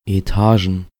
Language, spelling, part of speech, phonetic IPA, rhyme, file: German, Etagen, noun, [eˈtaːʒn̩], -aːʒn̩, De-Etagen.ogg
- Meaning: plural of Etage